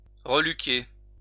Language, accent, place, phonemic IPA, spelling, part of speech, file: French, France, Lyon, /ʁə.ly.ke/, reluquer, verb, LL-Q150 (fra)-reluquer.wav
- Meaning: to ogle, leer